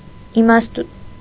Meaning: wisdom
- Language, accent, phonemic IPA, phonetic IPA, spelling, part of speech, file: Armenian, Eastern Armenian, /imɑstuˈtʰjun/, [imɑstut͡sʰjún], իմաստություն, noun, Hy-իմաստություն.ogg